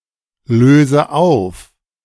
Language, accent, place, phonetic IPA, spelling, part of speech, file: German, Germany, Berlin, [ˌløːzə ˈaʊ̯f], löse auf, verb, De-löse auf.ogg
- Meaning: inflection of auflösen: 1. first-person singular present 2. first/third-person singular subjunctive I 3. singular imperative